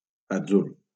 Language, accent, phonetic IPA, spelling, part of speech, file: Catalan, Valencia, [aˈd͡zur], atzur, noun, LL-Q7026 (cat)-atzur.wav
- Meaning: azure